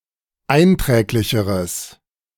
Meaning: strong/mixed nominative/accusative neuter singular comparative degree of einträglich
- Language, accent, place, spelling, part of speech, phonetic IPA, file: German, Germany, Berlin, einträglicheres, adjective, [ˈaɪ̯nˌtʁɛːklɪçəʁəs], De-einträglicheres.ogg